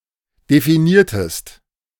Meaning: inflection of definieren: 1. second-person singular preterite 2. second-person singular subjunctive II
- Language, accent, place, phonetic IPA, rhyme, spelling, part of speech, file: German, Germany, Berlin, [defiˈniːɐ̯təst], -iːɐ̯təst, definiertest, verb, De-definiertest.ogg